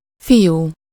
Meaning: 1. boy 2. son 3. boyfriend
- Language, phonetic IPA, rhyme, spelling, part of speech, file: Hungarian, [ˈfijuː], -juː, fiú, noun, Hu-fiú.ogg